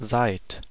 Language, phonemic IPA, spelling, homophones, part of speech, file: German, /zaɪ̯t/, seid, seit, verb, De-seid.ogg
- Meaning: 1. second-person plural present of sein 2. plural imperative of sein